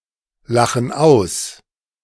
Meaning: inflection of auslachen: 1. first/third-person plural present 2. first/third-person plural subjunctive I
- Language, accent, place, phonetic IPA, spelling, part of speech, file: German, Germany, Berlin, [ˌlaxn̩ ˈaʊ̯s], lachen aus, verb, De-lachen aus.ogg